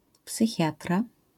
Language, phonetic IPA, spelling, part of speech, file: Polish, [psɨˈxʲjatra], psychiatra, noun, LL-Q809 (pol)-psychiatra.wav